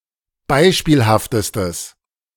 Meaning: strong/mixed nominative/accusative neuter singular superlative degree of beispielhaft
- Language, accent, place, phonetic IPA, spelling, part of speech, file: German, Germany, Berlin, [ˈbaɪ̯ʃpiːlhaftəstəs], beispielhaftestes, adjective, De-beispielhaftestes.ogg